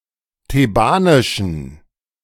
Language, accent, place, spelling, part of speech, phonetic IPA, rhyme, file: German, Germany, Berlin, thebanischen, adjective, [teˈbaːnɪʃn̩], -aːnɪʃn̩, De-thebanischen.ogg
- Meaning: inflection of thebanisch: 1. strong genitive masculine/neuter singular 2. weak/mixed genitive/dative all-gender singular 3. strong/weak/mixed accusative masculine singular 4. strong dative plural